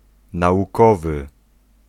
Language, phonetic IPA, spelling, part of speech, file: Polish, [ˌnaʷuˈkɔvɨ], naukowy, adjective, Pl-naukowy.ogg